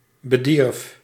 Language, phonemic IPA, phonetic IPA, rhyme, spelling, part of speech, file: Dutch, /bəˈdirf/, [bəˈdirf], -irf, bedierf, verb, Nl-bedierf.ogg
- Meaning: singular past indicative of bederven